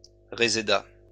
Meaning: reseda, mignonette (plant)
- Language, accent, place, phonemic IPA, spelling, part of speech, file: French, France, Lyon, /ʁe.ze.da/, réséda, noun, LL-Q150 (fra)-réséda.wav